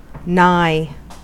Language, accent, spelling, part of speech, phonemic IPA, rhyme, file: English, US, nigh, adjective / verb / adverb / preposition, /naɪ/, -aɪ, En-us-nigh.ogg
- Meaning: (adjective) 1. Near, close by 2. Not remote in degree, kindred, circumstances, etc.; closely allied; intimate; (verb) to draw nigh (to); to approach; to come near; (adverb) Almost, nearly